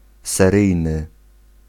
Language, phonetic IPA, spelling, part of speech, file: Polish, [sɛˈrɨjnɨ], seryjny, adjective, Pl-seryjny.ogg